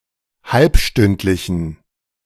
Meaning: inflection of halbstündlich: 1. strong genitive masculine/neuter singular 2. weak/mixed genitive/dative all-gender singular 3. strong/weak/mixed accusative masculine singular 4. strong dative plural
- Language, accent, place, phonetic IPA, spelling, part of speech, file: German, Germany, Berlin, [ˈhalpˌʃtʏntlɪçn̩], halbstündlichen, adjective, De-halbstündlichen.ogg